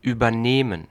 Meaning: 1. to take over (a task, a position, responsibilities from someone else) 2. to take on more than one can handle/master; to overexert oneself 3. to assume, to accept (responsibility, liability, etc.)
- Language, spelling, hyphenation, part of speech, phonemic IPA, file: German, übernehmen, über‧neh‧men, verb, /ˌʔyːbɐˈneːmən/, De-übernehmen.ogg